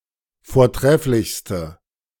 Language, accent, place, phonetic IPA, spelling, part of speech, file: German, Germany, Berlin, [foːɐ̯ˈtʁɛflɪçstə], vortrefflichste, adjective, De-vortrefflichste.ogg
- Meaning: inflection of vortrefflich: 1. strong/mixed nominative/accusative feminine singular superlative degree 2. strong nominative/accusative plural superlative degree